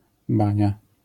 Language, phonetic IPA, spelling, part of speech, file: Polish, [ˈbãɲa], bania, noun, LL-Q809 (pol)-bania.wav